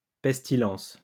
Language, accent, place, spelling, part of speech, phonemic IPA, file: French, France, Lyon, pestilence, noun, /pɛs.ti.lɑ̃s/, LL-Q150 (fra)-pestilence.wav
- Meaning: 1. pest epidemic; pestilence 2. extremely foul smell